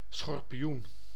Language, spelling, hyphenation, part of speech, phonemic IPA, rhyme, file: Dutch, schorpioen, schor‧pi‧oen, noun, /ˌsxɔr.piˈun/, -un, Nl-schorpioen.ogg
- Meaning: 1. a scorpion, an arachnid with a venomous sting of the order Scorpiones 2. the scorpio, an ancient single-arm catapult 3. a vicious, dangerous person; tormentor